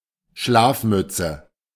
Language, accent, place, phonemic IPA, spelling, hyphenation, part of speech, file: German, Germany, Berlin, /ˈʃlaːfˌmʏtsə/, Schlafmütze, Schlaf‧müt‧ze, noun, De-Schlafmütze.ogg
- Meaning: 1. nightcap 2. slowcoach, sleepyhead